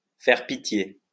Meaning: to be pathetic, to look pitiful, to inspire compassion, to arouse pity, to tug at someone's heartstrings
- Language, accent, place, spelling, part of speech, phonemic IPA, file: French, France, Lyon, faire pitié, verb, /fɛʁ pi.tje/, LL-Q150 (fra)-faire pitié.wav